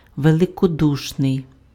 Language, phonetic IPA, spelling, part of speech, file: Ukrainian, [ʋeɫekoˈduʃnei̯], великодушний, adjective, Uk-великодушний.ogg
- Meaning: magnanimous